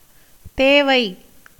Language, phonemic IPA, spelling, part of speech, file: Tamil, /t̪eːʋɐɪ̯/, தேவை, noun, Ta-தேவை.ogg
- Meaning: 1. need, necessity, want, exigency 2. affairs, business 3. desire 4. haste 5. slavery, bondage